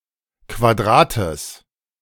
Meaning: genitive singular of Quadrat
- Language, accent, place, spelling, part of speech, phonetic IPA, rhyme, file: German, Germany, Berlin, Quadrates, noun, [kvaˈdʁaːtəs], -aːtəs, De-Quadrates.ogg